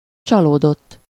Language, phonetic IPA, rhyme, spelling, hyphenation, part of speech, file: Hungarian, [ˈt͡ʃɒloːdotː], -otː, csalódott, csa‧ló‧dott, verb / adjective, Hu-csalódott.ogg
- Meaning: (verb) 1. third-person singular indicative past indefinite of csalódik 2. past participle of csalódik; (adjective) disappointed